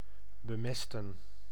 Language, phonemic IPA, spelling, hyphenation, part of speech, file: Dutch, /bəˈmɛs.tə(n)/, bemesten, be‧mes‧ten, verb, Nl-bemesten.ogg
- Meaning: to fertilise, to manure, to bedung (to apply fertiliser or manure to) (of soil, plants and crops)